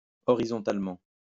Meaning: horizontally (in a horizontal direction or position)
- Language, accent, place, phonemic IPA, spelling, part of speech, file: French, France, Lyon, /ɔ.ʁi.zɔ̃.tal.mɑ̃/, horizontalement, adverb, LL-Q150 (fra)-horizontalement.wav